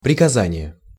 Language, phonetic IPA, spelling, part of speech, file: Russian, [prʲɪkɐˈzanʲɪje], приказание, noun, Ru-приказание.ogg
- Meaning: order, instruction